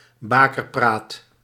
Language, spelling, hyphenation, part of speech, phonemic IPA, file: Dutch, bakerpraat, ba‧ker‧praat, noun, /ˈbaː.kərˌpraːt/, Nl-bakerpraat.ogg
- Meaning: 1. gossip and myths in relation to birth and childrearing 2. spurious talk, unfounded nonsense and gossip